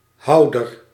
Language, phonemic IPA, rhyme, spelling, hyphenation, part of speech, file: Dutch, /ˈɦɑu̯.dər/, -ɑu̯dər, houder, hou‧der, noun, Nl-houder.ogg
- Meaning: 1. holder, keeper, owner 2. incumbent 3. holder, bearer 4. container, casing 5. cradle (a case for a broken or dislocated limb)